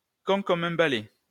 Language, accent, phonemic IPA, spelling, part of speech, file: French, France, /kɔ̃ kɔ.m‿œ̃ ba.lɛ/, con comme un balai, adjective, LL-Q150 (fra)-con comme un balai.wav
- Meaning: thick as a brick; dumb as a post (very stupid)